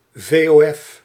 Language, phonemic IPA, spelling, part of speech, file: Dutch, /ˌveoˈɛf/, vof, noun, Nl-vof.ogg
- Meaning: a specific type of company in Belgium and the Netherlands, a general partnership